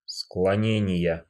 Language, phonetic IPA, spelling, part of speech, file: Russian, [skɫɐˈnʲenʲɪjə], склонения, noun, Ru-склонения.ogg
- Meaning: inflection of склоне́ние (sklonénije): 1. genitive singular 2. nominative/accusative plural